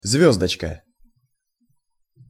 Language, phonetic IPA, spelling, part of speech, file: Russian, [ˈzvʲɵzdət͡ɕkə], звёздочка, noun, Ru-звёздочка.ogg
- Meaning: 1. diminutive of звезда́ (zvezdá): small star 2. star, asterisk (a symbol resembling a small star) 3. chain-wheel, sprocket, star wheel 4. jumping jack